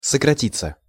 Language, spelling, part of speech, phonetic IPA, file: Russian, сократиться, verb, [səkrɐˈtʲit͡sːə], Ru-сократиться.ogg
- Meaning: to decrease, to shorten